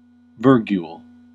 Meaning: 1. A medieval punctuation mark similar to the slash ⟨/⟩ or pipe ⟨|⟩ and used as a scratch comma and caesura mark 2. A slash, ⟨/⟩ or ⟨／⟩ 3. A slash, ⟨/⟩ or ⟨／⟩.: Used to mark line breaks within quotes
- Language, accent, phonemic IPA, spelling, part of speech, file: English, US, /ˈvɝ.ɡjul/, virgule, noun, En-us-virgule.ogg